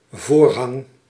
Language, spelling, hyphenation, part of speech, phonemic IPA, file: Dutch, voorhang, voor‧hang, noun / verb, /ˈvoːr.ɦɑŋ/, Nl-voorhang.ogg
- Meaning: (noun) 1. a curtain in a religious context, found commonly in temples, tabernacles or churches 2. a parliamentary procedure in the Netherlands' parliamentary system (see Wikipedia article)